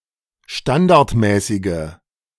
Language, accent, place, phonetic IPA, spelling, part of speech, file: German, Germany, Berlin, [ˈʃtandaʁtˌmɛːsɪɡə], standardmäßige, adjective, De-standardmäßige.ogg
- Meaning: inflection of standardmäßig: 1. strong/mixed nominative/accusative feminine singular 2. strong nominative/accusative plural 3. weak nominative all-gender singular